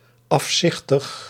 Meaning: hideous, very ugly
- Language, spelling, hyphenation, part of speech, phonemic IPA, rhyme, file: Dutch, afzichtig, af‧zich‧tig, adjective, /ˌɑfˈsɪx.təx/, -ɪxtəx, Nl-afzichtig.ogg